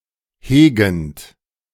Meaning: present participle of hegen
- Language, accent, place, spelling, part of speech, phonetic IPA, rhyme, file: German, Germany, Berlin, hegend, verb, [ˈheːɡn̩t], -eːɡn̩t, De-hegend.ogg